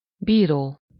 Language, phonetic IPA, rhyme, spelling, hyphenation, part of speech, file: Hungarian, [ˈbiːroː], -roː, bíró, bí‧ró, verb / noun, Hu-bíró.ogg
- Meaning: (verb) present participle of bír: having, possessing, owning; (noun) 1. judge (public judicial official) 2. referee, umpire (official who makes sure the rules are followed during a game)